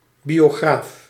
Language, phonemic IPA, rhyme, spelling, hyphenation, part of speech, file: Dutch, /ˌbi.oːˈɣraːf/, -aːf, biograaf, bio‧graaf, noun, Nl-biograaf.ogg
- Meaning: biographer